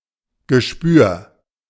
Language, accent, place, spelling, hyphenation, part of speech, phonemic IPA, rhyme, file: German, Germany, Berlin, Gespür, Ge‧spür, noun, /ɡəˈʃpyːɐ̯/, -yːɐ̯, De-Gespür.ogg
- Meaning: intuition